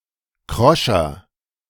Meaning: 1. comparative degree of krosch 2. inflection of krosch: strong/mixed nominative masculine singular 3. inflection of krosch: strong genitive/dative feminine singular
- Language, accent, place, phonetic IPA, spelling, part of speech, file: German, Germany, Berlin, [ˈkʁɔʃɐ], kroscher, adjective, De-kroscher.ogg